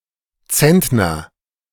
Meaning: 1. hundredweight (50 kilograms or 100 lbs) 2. quintal (100 kilograms or 200 lbs)
- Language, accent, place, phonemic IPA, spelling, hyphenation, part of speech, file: German, Germany, Berlin, /ˈt͡sɛntnɐ/, Zentner, Zent‧ner, noun, De-Zentner.ogg